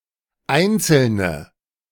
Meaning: 1. nominative/accusative/genitive plural of Einzelner 2. inflection of Einzelner: feminine nominative singular 3. inflection of Einzelner: definite masculine/neuter nominative singular
- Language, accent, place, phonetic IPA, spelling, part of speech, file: German, Germany, Berlin, [ˈaɪ̯nt͡sl̩nə], Einzelne, noun, De-Einzelne.ogg